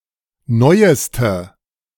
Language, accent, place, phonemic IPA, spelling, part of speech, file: German, Germany, Berlin, /ˈnɔɪ̯əstə/, neueste, adjective, De-neueste.ogg
- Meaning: inflection of neu: 1. strong/mixed nominative/accusative feminine singular superlative degree 2. strong nominative/accusative plural superlative degree